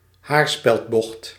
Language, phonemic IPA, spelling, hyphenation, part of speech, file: Dutch, /ˈɦaːr.spɛltˌbɔxt/, haarspeldbocht, haar‧speld‧bocht, noun, Nl-haarspeldbocht.ogg
- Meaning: a hairpin bend, a hairpin turn